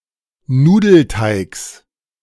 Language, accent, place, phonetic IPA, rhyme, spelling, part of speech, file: German, Germany, Berlin, [ˈnuːdl̩ˌtaɪ̯ks], -uːdl̩taɪ̯ks, Nudelteigs, noun, De-Nudelteigs.ogg
- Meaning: genitive singular of Nudelteig